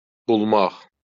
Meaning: to find, to attain
- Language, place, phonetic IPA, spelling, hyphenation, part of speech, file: Azerbaijani, Baku, [buɫˈmɑχ], bulmaq, bul‧maq, verb, LL-Q9292 (aze)-bulmaq.wav